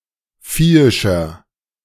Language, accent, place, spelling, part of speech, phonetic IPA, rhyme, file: German, Germany, Berlin, viehischer, adjective, [ˈfiːɪʃɐ], -iːɪʃɐ, De-viehischer.ogg
- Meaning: 1. comparative degree of viehisch 2. inflection of viehisch: strong/mixed nominative masculine singular 3. inflection of viehisch: strong genitive/dative feminine singular